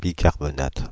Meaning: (noun) bicarbonate; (verb) inflection of bicarbonater: 1. first/third-person singular present indicative/subjunctive 2. second-person singular imperative
- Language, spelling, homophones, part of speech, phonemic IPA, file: French, bicarbonate, bicarbonatent / bicarbonates, noun / verb, /bi.kaʁ.bɔ.nat/, Fr-bicarbonate.ogg